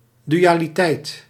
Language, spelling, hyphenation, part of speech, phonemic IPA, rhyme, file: Dutch, dualiteit, du‧a‧li‧teit, noun, /ˌdyaːliˈtɛi̯t/, -ɛi̯t, Nl-dualiteit.ogg
- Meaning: duality